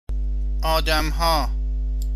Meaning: plural of آدم (ādam /âdam)
- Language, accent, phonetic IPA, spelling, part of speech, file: Persian, Iran, [ʔɒː.d̪æm.hɒ́ː], آدم‌ها, noun, Fa-آدم ها.ogg